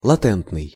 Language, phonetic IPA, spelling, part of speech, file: Russian, [ɫɐˈtɛntnɨj], латентный, adjective, Ru-латентный.ogg
- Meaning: latent, hidden